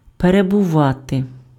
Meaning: 1. to be (be located somewhere) 2. to stay, to remain, to sojourn, to abide
- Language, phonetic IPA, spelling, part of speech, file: Ukrainian, [perebʊˈʋate], перебувати, verb, Uk-перебувати.ogg